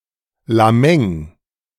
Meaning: hand
- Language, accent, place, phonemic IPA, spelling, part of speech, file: German, Germany, Berlin, /ˌlaˈmɛŋ/, Lamäng, noun, De-Lamäng.ogg